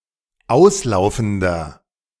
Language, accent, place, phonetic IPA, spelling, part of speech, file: German, Germany, Berlin, [ˈaʊ̯sˌlaʊ̯fn̩dɐ], auslaufender, adjective, De-auslaufender.ogg
- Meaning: inflection of auslaufend: 1. strong/mixed nominative masculine singular 2. strong genitive/dative feminine singular 3. strong genitive plural